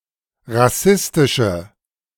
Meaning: inflection of rassistisch: 1. strong/mixed nominative/accusative feminine singular 2. strong nominative/accusative plural 3. weak nominative all-gender singular
- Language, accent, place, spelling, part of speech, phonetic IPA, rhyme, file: German, Germany, Berlin, rassistische, adjective, [ʁaˈsɪstɪʃə], -ɪstɪʃə, De-rassistische.ogg